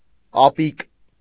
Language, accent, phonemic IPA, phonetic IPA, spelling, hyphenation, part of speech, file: Armenian, Eastern Armenian, /ɑˈpik/, [ɑpík], ապիկ, ա‧պիկ, noun, Hy-ապիկ.ogg
- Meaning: 1. cupping glass 2. varnish